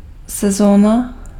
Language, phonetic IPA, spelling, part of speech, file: Czech, [ˈsɛzoːna], sezóna, noun, Cs-sezóna.ogg
- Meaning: season (part of year with something special)